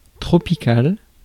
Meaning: 1. of the tropics; tropical 2. scorching
- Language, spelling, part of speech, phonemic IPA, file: French, tropical, adjective, /tʁɔ.pi.kal/, Fr-tropical.ogg